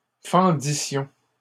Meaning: first-person plural imperfect subjunctive of fendre
- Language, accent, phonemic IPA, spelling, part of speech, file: French, Canada, /fɑ̃.di.sjɔ̃/, fendissions, verb, LL-Q150 (fra)-fendissions.wav